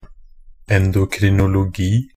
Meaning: endocrinology (the study of the endocrine glands of the human body, the hormones produced by them, and their related disorders)
- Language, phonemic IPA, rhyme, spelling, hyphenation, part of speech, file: Norwegian Bokmål, /ɛndʊkrɪnʊlʊˈɡiː/, -iː, endokrinologi, en‧do‧kri‧no‧lo‧gi, noun, Nb-endokrinologi.ogg